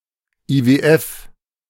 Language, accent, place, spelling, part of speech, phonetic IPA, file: German, Germany, Berlin, IWF, abbreviation, [iːveːˈʔɛf], De-IWF.ogg
- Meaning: initialism of Internationaler Währungsfonds (“IMF”)